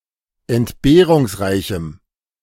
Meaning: strong dative masculine/neuter singular of entbehrungsreich
- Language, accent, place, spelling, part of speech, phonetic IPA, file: German, Germany, Berlin, entbehrungsreichem, adjective, [ɛntˈbeːʁʊŋsˌʁaɪ̯çm̩], De-entbehrungsreichem.ogg